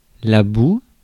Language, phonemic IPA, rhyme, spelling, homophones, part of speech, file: French, /bu/, -u, boue, bou / boues / bous / bout / bouts, noun, Fr-boue.ogg
- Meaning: mud; dirt